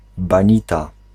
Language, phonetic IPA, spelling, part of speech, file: Polish, [bãˈɲita], banita, noun, Pl-banita.ogg